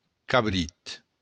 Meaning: 1. kid (young goat) 2. the meat of this animal
- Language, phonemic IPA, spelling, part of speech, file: Occitan, /kaˈβɾit/, cabrit, noun, LL-Q942602-cabrit.wav